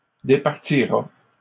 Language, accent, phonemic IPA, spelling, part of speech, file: French, Canada, /de.paʁ.ti.ʁa/, départira, verb, LL-Q150 (fra)-départira.wav
- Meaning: third-person singular simple future of départir